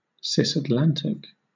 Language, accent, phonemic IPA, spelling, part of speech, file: English, Southern England, /sɪsætˈlæntɪk/, Cisatlantic, adjective, LL-Q1860 (eng)-Cisatlantic.wav
- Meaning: Situated on the same side of the Atlantic Ocean